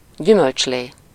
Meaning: juice
- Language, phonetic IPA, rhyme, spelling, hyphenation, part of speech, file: Hungarian, [ˈɟymølt͡ʃleː], -leː, gyümölcslé, gyü‧mölcs‧lé, noun, Hu-gyümölcslé.ogg